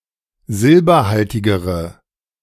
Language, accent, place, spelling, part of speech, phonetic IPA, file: German, Germany, Berlin, silberhaltigere, adjective, [ˈzɪlbɐˌhaltɪɡəʁə], De-silberhaltigere.ogg
- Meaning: inflection of silberhaltig: 1. strong/mixed nominative/accusative feminine singular comparative degree 2. strong nominative/accusative plural comparative degree